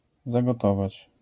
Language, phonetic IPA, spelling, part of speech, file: Polish, [ˌzaɡɔˈtɔvat͡ɕ], zagotować, verb, LL-Q809 (pol)-zagotować.wav